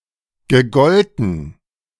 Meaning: past participle of gelten
- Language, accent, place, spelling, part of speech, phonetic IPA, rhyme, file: German, Germany, Berlin, gegolten, verb, [ɡəˈɡɔltn̩], -ɔltn̩, De-gegolten.ogg